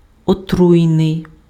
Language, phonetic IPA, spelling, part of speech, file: Ukrainian, [oˈtrui̯nei̯], отруйний, adjective, Uk-отруйний.ogg
- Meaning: 1. poisonous, toxic 2. venomous